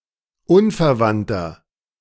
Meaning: inflection of unverwandt: 1. strong/mixed nominative masculine singular 2. strong genitive/dative feminine singular 3. strong genitive plural
- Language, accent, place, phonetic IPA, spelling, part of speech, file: German, Germany, Berlin, [ˈunfɛɐ̯ˌvantɐ], unverwandter, adjective, De-unverwandter.ogg